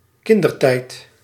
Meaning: childhood
- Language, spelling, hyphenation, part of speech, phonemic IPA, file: Dutch, kindertijd, kin‧der‧tijd, noun, /ˈkɪn.dərˌtɛi̯t/, Nl-kindertijd.ogg